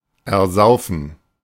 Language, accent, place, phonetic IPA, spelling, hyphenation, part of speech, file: German, Germany, Berlin, [ɛɐ̯ˈzaʊ̯fn̩], ersaufen, er‧sau‧fen, verb, De-ersaufen.ogg
- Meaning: to drown